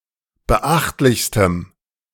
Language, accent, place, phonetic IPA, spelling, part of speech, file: German, Germany, Berlin, [bəˈʔaxtlɪçstəm], beachtlichstem, adjective, De-beachtlichstem.ogg
- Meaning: strong dative masculine/neuter singular superlative degree of beachtlich